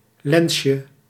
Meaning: diminutive of lens
- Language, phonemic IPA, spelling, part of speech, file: Dutch, /ˈlɛnʃə/, lensje, noun, Nl-lensje.ogg